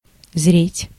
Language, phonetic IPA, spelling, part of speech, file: Russian, [zrʲetʲ], зреть, verb, Ru-зреть.ogg
- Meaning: 1. to ripen, to mature 2. to watch, to look at